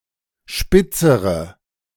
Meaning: inflection of spitz: 1. strong/mixed nominative/accusative feminine singular comparative degree 2. strong nominative/accusative plural comparative degree
- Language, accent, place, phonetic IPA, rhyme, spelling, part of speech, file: German, Germany, Berlin, [ˈʃpɪt͡səʁə], -ɪt͡səʁə, spitzere, adjective, De-spitzere.ogg